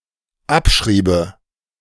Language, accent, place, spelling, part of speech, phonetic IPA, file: German, Germany, Berlin, abschriebe, verb, [ˈapˌʃʁiːbə], De-abschriebe.ogg
- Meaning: first/third-person singular dependent subjunctive II of abschreiben